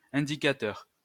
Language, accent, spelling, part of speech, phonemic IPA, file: French, France, indicateur, noun / adjective, /ɛ̃.di.ka.tœʁ/, LL-Q150 (fra)-indicateur.wav
- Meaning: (noun) 1. indicator, measure, index 2. gauge, indicator, meter 3. informer, informant 4. street directory, signpost; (adjective) indicative